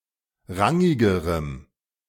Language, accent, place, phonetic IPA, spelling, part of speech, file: German, Germany, Berlin, [ˈʁaŋɪɡəʁəm], rangigerem, adjective, De-rangigerem.ogg
- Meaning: strong dative masculine/neuter singular comparative degree of rangig